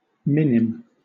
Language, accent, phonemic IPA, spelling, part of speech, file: English, Southern England, /ˈmɪ.nɪm/, minim, noun, LL-Q1860 (eng)-minim.wav
- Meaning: 1. A half note, drawn as a semibreve with a stem 2. A unit of volume, in the Imperial and U.S. customary systems, ¹⁄₆₀ fluid drachm. Approximately equal to 1 drop, 62 μL or 0.9 grain (weight) of water